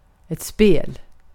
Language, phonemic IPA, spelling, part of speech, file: Swedish, /speːl/, spel, noun, Sv-spel.ogg